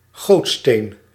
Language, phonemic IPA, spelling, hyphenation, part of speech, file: Dutch, /ˈɣoːt.steːn/, gootsteen, goot‧steen, noun, Nl-gootsteen.ogg
- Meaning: sink, basin